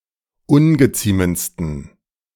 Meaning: 1. superlative degree of ungeziemend 2. inflection of ungeziemend: strong genitive masculine/neuter singular superlative degree
- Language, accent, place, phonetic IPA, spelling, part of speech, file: German, Germany, Berlin, [ˈʊnɡəˌt͡siːmənt͡stn̩], ungeziemendsten, adjective, De-ungeziemendsten.ogg